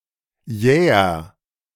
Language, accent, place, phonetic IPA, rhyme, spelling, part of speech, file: German, Germany, Berlin, [ˈjɛːɐ], -ɛːɐ, jäher, adjective, De-jäher.ogg
- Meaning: inflection of jäh: 1. strong/mixed nominative masculine singular 2. strong genitive/dative feminine singular 3. strong genitive plural